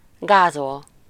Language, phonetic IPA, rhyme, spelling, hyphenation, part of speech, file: Hungarian, [ˈɡaːzol], -ol, gázol, gá‧zol, verb, Hu-gázol.ogg
- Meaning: 1. to wade 2. to trample down 3. to run over (someone by e.g. car)